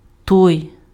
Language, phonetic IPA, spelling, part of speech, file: Ukrainian, [tɔi̯], той, determiner, Uk-той.ogg
- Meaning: that